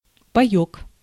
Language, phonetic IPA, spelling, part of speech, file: Russian, [pɐˈjɵk], паёк, noun, Ru-паёк.ogg
- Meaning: ration, dietary allowance